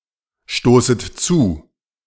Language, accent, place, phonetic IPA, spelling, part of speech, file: German, Germany, Berlin, [ˌʃtoːsət ˈt͡suː], stoßet zu, verb, De-stoßet zu.ogg
- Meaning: second-person plural subjunctive I of zustoßen